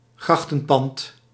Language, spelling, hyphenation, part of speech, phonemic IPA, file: Dutch, grachtenpand, grach‧ten‧pand, noun, /ˈɣrɑx.tə(n)ˌpɑnt/, Nl-grachtenpand.ogg
- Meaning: a building located beside an urban canal